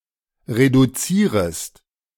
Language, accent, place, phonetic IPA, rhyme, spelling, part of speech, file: German, Germany, Berlin, [ʁeduˈt͡siːʁəst], -iːʁəst, reduzierest, verb, De-reduzierest.ogg
- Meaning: second-person singular subjunctive I of reduzieren